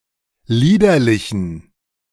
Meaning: inflection of liederlich: 1. strong genitive masculine/neuter singular 2. weak/mixed genitive/dative all-gender singular 3. strong/weak/mixed accusative masculine singular 4. strong dative plural
- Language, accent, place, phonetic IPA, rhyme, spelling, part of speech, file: German, Germany, Berlin, [ˈliːdɐlɪçn̩], -iːdɐlɪçn̩, liederlichen, adjective, De-liederlichen.ogg